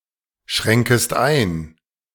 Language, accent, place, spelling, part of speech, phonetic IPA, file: German, Germany, Berlin, schränkest ein, verb, [ˌʃʁɛŋkəst ˈaɪ̯n], De-schränkest ein.ogg
- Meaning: second-person singular subjunctive I of einschränken